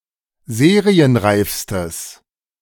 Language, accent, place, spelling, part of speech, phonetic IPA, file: German, Germany, Berlin, serienreifstes, adjective, [ˈzeːʁiənˌʁaɪ̯fstəs], De-serienreifstes.ogg
- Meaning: strong/mixed nominative/accusative neuter singular superlative degree of serienreif